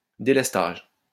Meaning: 1. load shedding 2. alternative route (to avoid congestion)
- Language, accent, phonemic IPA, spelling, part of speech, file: French, France, /de.lɛs.taʒ/, délestage, noun, LL-Q150 (fra)-délestage.wav